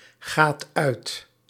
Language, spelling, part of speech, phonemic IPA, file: Dutch, gaat uit, verb, /ˈɣat ˈœyt/, Nl-gaat uit.ogg
- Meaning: inflection of uitgaan: 1. second/third-person singular present indicative 2. plural imperative